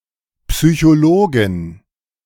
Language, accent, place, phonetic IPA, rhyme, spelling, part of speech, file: German, Germany, Berlin, [psyçoˈloːɡn̩], -oːɡn̩, Psychologen, noun, De-Psychologen.ogg
- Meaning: 1. genitive singular of Psychologe 2. plural of Psychologe